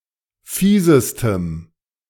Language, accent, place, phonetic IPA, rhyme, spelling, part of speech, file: German, Germany, Berlin, [ˈfiːzəstəm], -iːzəstəm, fiesestem, adjective, De-fiesestem.ogg
- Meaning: strong dative masculine/neuter singular superlative degree of fies